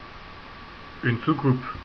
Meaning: saucer
- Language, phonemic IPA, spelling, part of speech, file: French, /su.kup/, soucoupe, noun, Fr-soucoupe.ogg